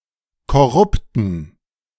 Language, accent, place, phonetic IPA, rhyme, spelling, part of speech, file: German, Germany, Berlin, [kɔˈʁʊptn̩], -ʊptn̩, korrupten, adjective, De-korrupten.ogg
- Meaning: inflection of korrupt: 1. strong genitive masculine/neuter singular 2. weak/mixed genitive/dative all-gender singular 3. strong/weak/mixed accusative masculine singular 4. strong dative plural